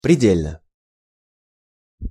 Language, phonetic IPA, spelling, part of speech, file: Russian, [prʲɪˈdʲelʲnə], предельно, adverb / adjective, Ru-предельно.ogg
- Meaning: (adverb) completely, utterly; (adjective) short neuter singular of преде́льный (predélʹnyj)